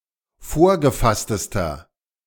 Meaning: inflection of vorgefasst: 1. strong/mixed nominative masculine singular superlative degree 2. strong genitive/dative feminine singular superlative degree 3. strong genitive plural superlative degree
- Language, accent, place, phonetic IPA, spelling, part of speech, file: German, Germany, Berlin, [ˈfoːɐ̯ɡəˌfastəstɐ], vorgefasstester, adjective, De-vorgefasstester.ogg